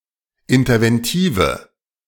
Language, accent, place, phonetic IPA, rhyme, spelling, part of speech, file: German, Germany, Berlin, [ɪntɐvɛnˈtiːvə], -iːvə, interventive, adjective, De-interventive.ogg
- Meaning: inflection of interventiv: 1. strong/mixed nominative/accusative feminine singular 2. strong nominative/accusative plural 3. weak nominative all-gender singular